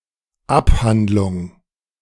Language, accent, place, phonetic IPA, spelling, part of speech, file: German, Germany, Berlin, [ˈapˌhandlʊŋ], Abh., abbreviation, De-Abh..ogg
- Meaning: 1. abbreviation of Abhandlung 2. abbreviation of Abholung